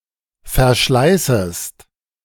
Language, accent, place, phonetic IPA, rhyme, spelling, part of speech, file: German, Germany, Berlin, [fɛɐ̯ˈʃlaɪ̯səst], -aɪ̯səst, verschleißest, verb, De-verschleißest.ogg
- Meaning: second-person singular subjunctive I of verschleißen